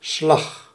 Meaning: 1. a blow, knock, strike 2. a stroke, limb movement; a style of movement, notably style of swimming 3. a twist, turn 4. a beat, pulsation 5. a stroke, blow, hit, physical impact
- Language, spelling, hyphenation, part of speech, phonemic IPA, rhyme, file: Dutch, slag, slag, noun, /slɑx/, -ɑx, Nl-slag.ogg